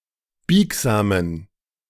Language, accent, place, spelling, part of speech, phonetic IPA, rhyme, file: German, Germany, Berlin, biegsamen, adjective, [ˈbiːkzaːmən], -iːkzaːmən, De-biegsamen.ogg
- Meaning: inflection of biegsam: 1. strong genitive masculine/neuter singular 2. weak/mixed genitive/dative all-gender singular 3. strong/weak/mixed accusative masculine singular 4. strong dative plural